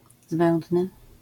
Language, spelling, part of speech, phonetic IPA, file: Polish, zbędny, adjective, [ˈzbɛ̃ndnɨ], LL-Q809 (pol)-zbędny.wav